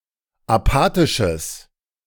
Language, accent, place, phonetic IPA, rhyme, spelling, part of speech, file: German, Germany, Berlin, [aˈpaːtɪʃəs], -aːtɪʃəs, apathisches, adjective, De-apathisches.ogg
- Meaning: strong/mixed nominative/accusative neuter singular of apathisch